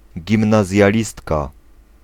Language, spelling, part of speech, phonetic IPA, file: Polish, gimnazjalistka, noun, [ˌɟĩmnazʲjaˈlʲistka], Pl-gimnazjalistka.ogg